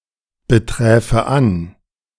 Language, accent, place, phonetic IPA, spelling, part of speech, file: German, Germany, Berlin, [bəˌtʁɛːfə ˈan], beträfe an, verb, De-beträfe an.ogg
- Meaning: first/third-person singular subjunctive II of anbetreffen